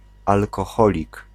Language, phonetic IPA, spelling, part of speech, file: Polish, [ˌalkɔˈxɔlʲik], alkoholik, noun, Pl-alkoholik.ogg